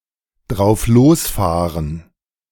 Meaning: to hit the road without a chosen destination
- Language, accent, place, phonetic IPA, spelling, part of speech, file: German, Germany, Berlin, [dʁaʊ̯fˈloːsˌfaːʁən], drauflosfahren, verb, De-drauflosfahren.ogg